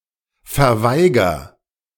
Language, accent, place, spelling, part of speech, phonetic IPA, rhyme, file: German, Germany, Berlin, verweiger, verb, [fɛɐ̯ˈvaɪ̯ɡɐ], -aɪ̯ɡɐ, De-verweiger.ogg
- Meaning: inflection of verweigern: 1. first-person singular present 2. singular imperative